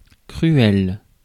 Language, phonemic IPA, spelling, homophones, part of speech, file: French, /kʁy.ɛl/, cruel, cruels / cruelle / cruelles, adjective, Fr-cruel.ogg
- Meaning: 1. cruel 2. hard, painful